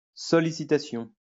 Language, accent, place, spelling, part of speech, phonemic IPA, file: French, France, Lyon, sollicitation, noun, /sɔ.li.si.ta.sjɔ̃/, LL-Q150 (fra)-sollicitation.wav
- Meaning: solicitation